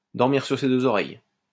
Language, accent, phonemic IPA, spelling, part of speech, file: French, France, /dɔʁ.miʁ syʁ se dø.z‿ɔ.ʁɛj/, dormir sur ses deux oreilles, verb, LL-Q150 (fra)-dormir sur ses deux oreilles.wav
- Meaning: to sleep soundly, to sleep without a worry, to rest easy